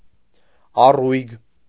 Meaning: lively, cheerful
- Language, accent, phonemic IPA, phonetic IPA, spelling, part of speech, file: Armenian, Eastern Armenian, /ɑˈrujɡ/, [ɑrújɡ], առույգ, adjective, Hy-առույգ.ogg